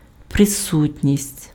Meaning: presence (fact or condition of being present)
- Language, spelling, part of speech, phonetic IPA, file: Ukrainian, присутність, noun, [preˈsutʲnʲisʲtʲ], Uk-присутність.ogg